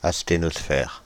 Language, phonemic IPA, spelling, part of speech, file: French, /as.te.nɔs.fɛʁ/, asthénosphère, noun, Fr-asthénosphère.ogg
- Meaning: asthenosphere